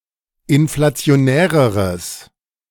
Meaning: strong/mixed nominative/accusative neuter singular comparative degree of inflationär
- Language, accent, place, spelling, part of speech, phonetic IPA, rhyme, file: German, Germany, Berlin, inflationäreres, adjective, [ɪnflat͡si̯oˈnɛːʁəʁəs], -ɛːʁəʁəs, De-inflationäreres.ogg